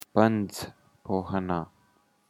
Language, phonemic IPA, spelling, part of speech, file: Pashto, /pəŋd͡z pohəna/, پنځپوهنه, noun, Pandzpohana.ogg
- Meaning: physics